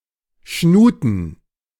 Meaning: plural of Schnute
- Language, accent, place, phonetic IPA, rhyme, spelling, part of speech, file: German, Germany, Berlin, [ˈʃnuːtn̩], -uːtn̩, Schnuten, noun, De-Schnuten.ogg